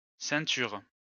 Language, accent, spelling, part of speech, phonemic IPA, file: French, France, ceintures, noun, /sɛ̃.tyʁ/, LL-Q150 (fra)-ceintures.wav
- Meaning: plural of ceinture